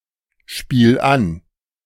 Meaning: 1. singular imperative of anspielen 2. first-person singular present of anspielen
- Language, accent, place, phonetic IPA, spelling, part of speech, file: German, Germany, Berlin, [ˌʃpiːl ˈan], spiel an, verb, De-spiel an.ogg